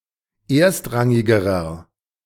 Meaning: inflection of erstrangig: 1. strong/mixed nominative masculine singular comparative degree 2. strong genitive/dative feminine singular comparative degree 3. strong genitive plural comparative degree
- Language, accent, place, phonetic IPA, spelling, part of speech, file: German, Germany, Berlin, [ˈeːɐ̯stˌʁaŋɪɡəʁɐ], erstrangigerer, adjective, De-erstrangigerer.ogg